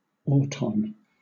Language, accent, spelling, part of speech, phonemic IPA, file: English, Southern England, auton, noun, /ˈɔː.tɒn/, LL-Q1860 (eng)-auton.wav
- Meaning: A machine or robot, usually in the form of a living being, designed to follow a precise sequence of instructions